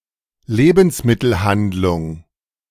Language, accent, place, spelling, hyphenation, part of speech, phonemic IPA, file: German, Germany, Berlin, Lebensmittelhandlung, Le‧bens‧mit‧tel‧hand‧lung, noun, /ˈleːbn̩smɪtl̩handlʊŋ/, De-Lebensmittelhandlung.ogg
- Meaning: grocery, grocery store